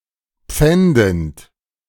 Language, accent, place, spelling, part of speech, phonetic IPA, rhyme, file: German, Germany, Berlin, pfändend, verb, [ˈp͡fɛndn̩t], -ɛndn̩t, De-pfändend.ogg
- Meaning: present participle of pfänden